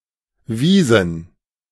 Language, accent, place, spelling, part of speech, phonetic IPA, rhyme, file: German, Germany, Berlin, Visen, noun, [ˈviːzn̩], -iːzn̩, De-Visen.ogg
- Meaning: plural of Visum